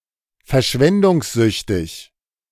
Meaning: extravagant, generous
- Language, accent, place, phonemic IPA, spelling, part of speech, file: German, Germany, Berlin, /fɛɐ̯ˈʃvɛndʊŋsˌzʏçtɪç/, verschwendungssüchtig, adjective, De-verschwendungssüchtig.ogg